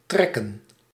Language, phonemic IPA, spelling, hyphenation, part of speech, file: Dutch, /ˈtrɛkə(n)/, trekken, trek‧ken, verb / noun, Nl-trekken.ogg
- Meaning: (verb) 1. to pull, to draw 2. to manage, to have the strength for 3. to migrate 4. to draw (to increase in flavour due to being left alone) 5. to photograph, take a picture; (noun) plural of trek